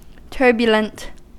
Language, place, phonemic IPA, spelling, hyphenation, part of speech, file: English, California, /ˈtɝbjələnt/, turbulent, tur‧bu‧lent, adjective, En-us-turbulent.ogg
- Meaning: 1. Violently disturbed or agitated; tempestuous, tumultuous 2. Being in, or causing, disturbance or unrest